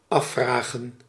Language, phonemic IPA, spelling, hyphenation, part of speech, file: Dutch, /ˈɑfraːɣə(n)/, afvragen, af‧vra‧gen, verb, Nl-afvragen.ogg
- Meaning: to wonder